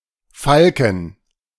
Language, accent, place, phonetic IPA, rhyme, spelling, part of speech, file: German, Germany, Berlin, [ˈfalkn̩], -alkn̩, Falken, noun, De-Falken.ogg
- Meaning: plural of Falke "falcons"